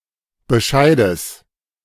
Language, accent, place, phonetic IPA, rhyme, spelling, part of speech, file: German, Germany, Berlin, [bəˈʃaɪ̯dəs], -aɪ̯dəs, Bescheides, noun, De-Bescheides.ogg
- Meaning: genitive singular of Bescheid